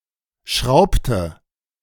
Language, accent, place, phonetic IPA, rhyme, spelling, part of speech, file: German, Germany, Berlin, [ˈʃʁaʊ̯ptə], -aʊ̯ptə, schraubte, verb, De-schraubte.ogg
- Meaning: inflection of schrauben: 1. first/third-person singular preterite 2. first/third-person singular subjunctive II